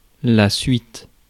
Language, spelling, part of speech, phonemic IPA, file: French, suite, noun, /sɥit/, Fr-suite.ogg
- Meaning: 1. result 2. sequel 3. next step, next steps, that which follows, remainder, rest 4. straight 5. sequence 6. suite (group of connected rooms)